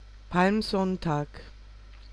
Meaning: Palm Sunday
- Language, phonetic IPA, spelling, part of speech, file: German, [palmˈzɔntaːk], Palmsonntag, noun, De-Palmsonntag.ogg